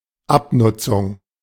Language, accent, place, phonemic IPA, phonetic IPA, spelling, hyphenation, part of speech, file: German, Germany, Berlin, /ˈapˌnʊtsʊŋ/, [ˈʔapˌnʊtsʊŋ], Abnutzung, Ab‧nut‧zung, noun, De-Abnutzung.ogg
- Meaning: wear (damage of an item caused by use over time)